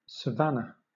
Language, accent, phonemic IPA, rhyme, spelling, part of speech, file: English, Southern England, /səˈvænə/, -ænə, savanna, noun, LL-Q1860 (eng)-savanna.wav
- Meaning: A mixed woodland-grassland biome and ecosystem characterised by the trees being sufficiently widely spaced so that the canopy does not close